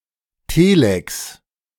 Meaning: printed message sent via a telex machine
- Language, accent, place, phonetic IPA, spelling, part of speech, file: German, Germany, Berlin, [ˈteːlɛks], Telex, noun, De-Telex.ogg